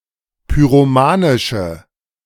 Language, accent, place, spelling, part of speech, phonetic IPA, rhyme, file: German, Germany, Berlin, pyromanische, adjective, [pyʁoˈmaːnɪʃə], -aːnɪʃə, De-pyromanische.ogg
- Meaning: inflection of pyromanisch: 1. strong/mixed nominative/accusative feminine singular 2. strong nominative/accusative plural 3. weak nominative all-gender singular